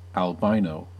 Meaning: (adjective) Congenitally lacking melanin pigmentation in the skin, eyes, and hair or feathers (or more rarely only in the eyes); born with albinism
- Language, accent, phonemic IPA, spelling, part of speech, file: English, US, /ælˈbaɪnoʊ/, albino, adjective / noun, En-us-albino.ogg